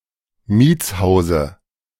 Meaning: dative of Mietshaus
- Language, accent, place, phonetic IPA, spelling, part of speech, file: German, Germany, Berlin, [ˈmiːt͡sˌhaʊ̯zə], Mietshause, noun, De-Mietshause.ogg